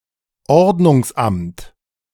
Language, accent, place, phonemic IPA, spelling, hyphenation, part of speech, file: German, Germany, Berlin, /ˈoʁdnʊŋsˌ.amt/, Ordnungsamt, Ord‧nungs‧amt, noun, De-Ordnungsamt.ogg
- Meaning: public order office, municipal authority for code enforcement in Austria and Germany